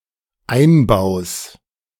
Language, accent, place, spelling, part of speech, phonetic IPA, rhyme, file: German, Germany, Berlin, Einbaus, noun, [ˈaɪ̯nˌbaʊ̯s], -aɪ̯nbaʊ̯s, De-Einbaus.ogg
- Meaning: genitive singular of Einbau